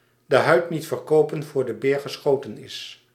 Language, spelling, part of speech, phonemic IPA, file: Dutch, de huid niet verkopen voor de beer geschoten is, proverb, /də ˌɦœy̯t ˈnit fɛrˈkoː.pə(n)ˌvoːr də ˈbeːr ɣəˈsxoː.tə(n)ˌɪs/, Nl-de huid niet verkopen voor de beer geschoten is.ogg
- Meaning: don't count your chickens before they're hatched